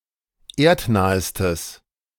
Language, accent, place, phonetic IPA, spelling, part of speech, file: German, Germany, Berlin, [ˈeːɐ̯tˌnaːəstəs], erdnahestes, adjective, De-erdnahestes.ogg
- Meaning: strong/mixed nominative/accusative neuter singular superlative degree of erdnah